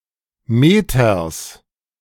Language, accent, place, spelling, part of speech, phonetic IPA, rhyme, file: German, Germany, Berlin, Meters, noun, [ˈmeːtɐs], -eːtɐs, De-Meters.ogg
- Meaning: genitive singular of Meter